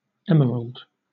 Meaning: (noun) 1. Any of various green gemstones, especially a green transparent form of beryl, highly valued as a precious stone 2. Emerald green, a colour 3. Vert, when blazoning by precious stones
- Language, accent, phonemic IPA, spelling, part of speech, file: English, Southern England, /ˈɛm.(ə.)ɹəld/, emerald, noun / adjective / verb, LL-Q1860 (eng)-emerald.wav